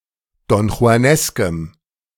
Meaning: strong dative masculine/neuter singular of donjuanesk
- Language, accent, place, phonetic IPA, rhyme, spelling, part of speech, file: German, Germany, Berlin, [dɔnxu̯aˈnɛskəm], -ɛskəm, donjuaneskem, adjective, De-donjuaneskem.ogg